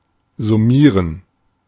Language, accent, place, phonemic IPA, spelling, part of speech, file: German, Germany, Berlin, /zʊˈmiːrən/, summieren, verb, De-summieren.ogg
- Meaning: to sum (add together)